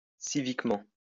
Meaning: civically
- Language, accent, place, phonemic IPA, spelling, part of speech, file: French, France, Lyon, /si.vik.mɑ̃/, civiquement, adverb, LL-Q150 (fra)-civiquement.wav